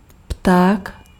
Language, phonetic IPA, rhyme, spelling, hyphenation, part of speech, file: Czech, [ˈptaːk], -aːk, pták, pták, noun, Cs-pták.ogg
- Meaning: 1. bird 2. cock (penis)